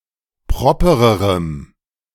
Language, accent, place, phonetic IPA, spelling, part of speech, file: German, Germany, Berlin, [ˈpʁɔpəʁəʁəm], propererem, adjective, De-propererem.ogg
- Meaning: strong dative masculine/neuter singular comparative degree of proper